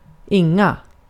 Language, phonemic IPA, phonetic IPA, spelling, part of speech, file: Swedish, /ˈɪŋˌa/, [ˈɪŋːˌâ], inga, determiner / pronoun / adverb, Sv-inga.ogg
- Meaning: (determiner) plural of ingen; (adverb) not